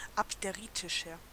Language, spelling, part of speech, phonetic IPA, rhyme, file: German, abderitischer, adjective, [apdeˈʁiːtɪʃɐ], -iːtɪʃɐ, De-abderitischer.ogg
- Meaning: 1. comparative degree of abderitisch 2. inflection of abderitisch: strong/mixed nominative masculine singular 3. inflection of abderitisch: strong genitive/dative feminine singular